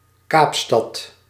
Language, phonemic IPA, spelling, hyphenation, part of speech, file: Dutch, /ˈkaːp.stɑt/, Kaapstad, Kaap‧stad, proper noun, Nl-Kaapstad.ogg
- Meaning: Cape Town (the legislative capital of South Africa)